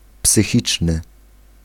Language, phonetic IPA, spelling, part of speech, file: Polish, [psɨˈxʲit͡ʃnɨ], psychiczny, adjective / noun, Pl-psychiczny.ogg